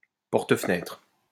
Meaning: French window, French door
- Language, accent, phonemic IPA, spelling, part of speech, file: French, France, /pɔʁ.t(ə).fə.nɛtʁ/, porte-fenêtre, noun, LL-Q150 (fra)-porte-fenêtre.wav